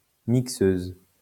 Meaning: female equivalent of mixeur
- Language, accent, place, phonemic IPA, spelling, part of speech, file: French, France, Lyon, /mik.søz/, mixeuse, noun, LL-Q150 (fra)-mixeuse.wav